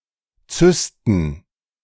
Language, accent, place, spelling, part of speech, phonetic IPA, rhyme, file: German, Germany, Berlin, Zysten, noun, [ˈt͡sʏstn̩], -ʏstn̩, De-Zysten.ogg
- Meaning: plural of Zyste